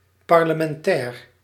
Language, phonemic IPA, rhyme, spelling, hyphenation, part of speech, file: Dutch, /ˌpɑr.lə.mɛnˈtɛːr/, -ɛːr, parlementair, par‧le‧men‧tair, adjective, Nl-parlementair.ogg
- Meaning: parliamentary (of, from or pertaining to parliament)